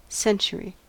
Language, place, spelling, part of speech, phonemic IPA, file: English, California, century, noun, /ˈsɛn.(t)ʃ(ə.)ɹi/, En-us-century.ogg